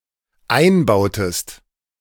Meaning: inflection of einbauen: 1. second-person singular dependent preterite 2. second-person singular dependent subjunctive II
- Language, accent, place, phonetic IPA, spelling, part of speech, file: German, Germany, Berlin, [ˈaɪ̯nˌbaʊ̯təst], einbautest, verb, De-einbautest.ogg